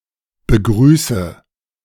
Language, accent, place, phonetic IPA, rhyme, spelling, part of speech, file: German, Germany, Berlin, [bəˈɡʁyːsə], -yːsə, begrüße, verb, De-begrüße.ogg
- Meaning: inflection of begrüßen: 1. first-person singular present 2. first/third-person singular subjunctive I 3. singular imperative